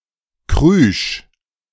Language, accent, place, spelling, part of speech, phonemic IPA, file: German, Germany, Berlin, krüsch, adjective, /kʁyːʃ/, De-krüsch.ogg
- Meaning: choosy, fussy, finicky (especially in terms of eating)